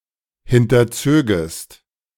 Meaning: second-person singular subjunctive I of hinterziehen
- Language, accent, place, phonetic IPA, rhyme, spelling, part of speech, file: German, Germany, Berlin, [ˌhɪntɐˈt͡søːɡəst], -øːɡəst, hinterzögest, verb, De-hinterzögest.ogg